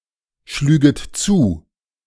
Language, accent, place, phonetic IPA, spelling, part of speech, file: German, Germany, Berlin, [ˌʃlyːɡət ˈt͡suː], schlüget zu, verb, De-schlüget zu.ogg
- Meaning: second-person plural subjunctive II of zuschlagen